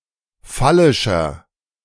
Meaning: 1. comparative degree of phallisch 2. inflection of phallisch: strong/mixed nominative masculine singular 3. inflection of phallisch: strong genitive/dative feminine singular
- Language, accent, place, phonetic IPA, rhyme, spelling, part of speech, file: German, Germany, Berlin, [ˈfalɪʃɐ], -alɪʃɐ, phallischer, adjective, De-phallischer.ogg